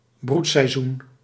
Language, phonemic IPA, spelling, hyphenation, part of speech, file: Dutch, /ˈbrut.sɛi̯ˌzun/, broedseizoen, broed‧sei‧zoen, noun, Nl-broedseizoen.ogg
- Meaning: breeding season (of egg-laying animals)